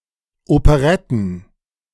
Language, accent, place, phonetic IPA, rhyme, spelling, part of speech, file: German, Germany, Berlin, [opəˈʁɛtn̩], -ɛtn̩, Operetten, noun, De-Operetten.ogg
- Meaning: plural of Operette